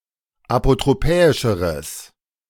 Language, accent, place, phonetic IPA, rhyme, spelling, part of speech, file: German, Germany, Berlin, [apotʁoˈpɛːɪʃəʁəs], -ɛːɪʃəʁəs, apotropäischeres, adjective, De-apotropäischeres.ogg
- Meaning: strong/mixed nominative/accusative neuter singular comparative degree of apotropäisch